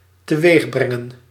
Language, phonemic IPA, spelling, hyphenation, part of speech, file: Dutch, /təˈʋeːxˌbrɛ.ŋə(n)/, teweegbrengen, te‧weeg‧bren‧gen, verb, Nl-teweegbrengen.ogg
- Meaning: 1. to bring about, cause to take place 2. to achieve, get (on the road, done etc.)